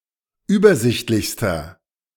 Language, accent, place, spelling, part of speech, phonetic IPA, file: German, Germany, Berlin, übersichtlichster, adjective, [ˈyːbɐˌzɪçtlɪçstɐ], De-übersichtlichster.ogg
- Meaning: inflection of übersichtlich: 1. strong/mixed nominative masculine singular superlative degree 2. strong genitive/dative feminine singular superlative degree